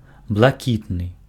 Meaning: light blue, pale blue, sky blue
- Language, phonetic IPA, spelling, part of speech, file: Belarusian, [bɫaˈkʲitnɨ], блакітны, adjective, Be-блакітны.ogg